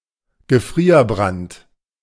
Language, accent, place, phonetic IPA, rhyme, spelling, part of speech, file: German, Germany, Berlin, [ɡəˈfʁiːɐ̯ˌbʁant], -iːɐ̯bʁant, Gefrierbrand, noun, De-Gefrierbrand.ogg
- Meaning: freezer burn